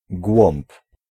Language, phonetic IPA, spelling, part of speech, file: Polish, [ɡwɔ̃mp], głąb, noun, Pl-głąb.ogg